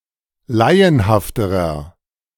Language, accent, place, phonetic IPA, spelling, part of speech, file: German, Germany, Berlin, [ˈlaɪ̯ənhaftəʁɐ], laienhafterer, adjective, De-laienhafterer.ogg
- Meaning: inflection of laienhaft: 1. strong/mixed nominative masculine singular comparative degree 2. strong genitive/dative feminine singular comparative degree 3. strong genitive plural comparative degree